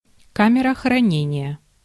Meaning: left-luggage office (a place at a railway station or airport where luggage may be left for a small charge)
- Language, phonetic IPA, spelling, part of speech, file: Russian, [ˈkamʲɪrə xrɐˈnʲenʲɪjə], камера хранения, noun, Ru-камера хранения.ogg